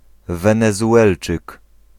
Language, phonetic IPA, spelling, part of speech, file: Polish, [ˌvɛ̃nɛzuˈʷɛlt͡ʃɨk], Wenezuelczyk, noun, Pl-Wenezuelczyk.ogg